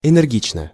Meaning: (adverb) energetically, vigorously (in an energetic manner); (adjective) short neuter singular of энерги́чный (ɛnɛrgíčnyj)
- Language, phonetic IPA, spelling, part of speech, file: Russian, [ɛnɛrˈɡʲit͡ɕnə], энергично, adverb / adjective, Ru-энергично.ogg